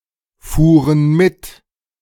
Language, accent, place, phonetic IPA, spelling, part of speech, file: German, Germany, Berlin, [ˌfuːʁən ˈmɪt], fuhren mit, verb, De-fuhren mit.ogg
- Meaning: first/third-person plural preterite of mitfahren